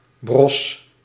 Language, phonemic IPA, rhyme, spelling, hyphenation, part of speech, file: Dutch, /brɔs/, -ɔs, bros, bros, adjective, Nl-bros.ogg
- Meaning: brittle, having a tendency to break into many small pieces, especially of something dry, crisp